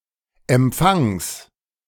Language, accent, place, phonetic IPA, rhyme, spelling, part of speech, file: German, Germany, Berlin, [ɛmˈp͡faŋs], -aŋs, Empfangs, noun, De-Empfangs.ogg
- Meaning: genitive singular of Empfang